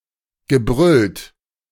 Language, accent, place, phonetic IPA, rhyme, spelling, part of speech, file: German, Germany, Berlin, [ɡəˈbʁʏlt], -ʏlt, gebrüllt, verb, De-gebrüllt.ogg
- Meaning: past participle of brüllen